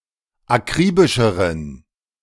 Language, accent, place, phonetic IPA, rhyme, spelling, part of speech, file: German, Germany, Berlin, [aˈkʁiːbɪʃəʁən], -iːbɪʃəʁən, akribischeren, adjective, De-akribischeren.ogg
- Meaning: inflection of akribisch: 1. strong genitive masculine/neuter singular comparative degree 2. weak/mixed genitive/dative all-gender singular comparative degree